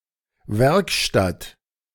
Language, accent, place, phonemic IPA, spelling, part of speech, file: German, Germany, Berlin, /ˈvɛrkˌʃtat/, Werkstatt, noun, De-Werkstatt.ogg
- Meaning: 1. workshop (room where things are manufactured) 2. repair shop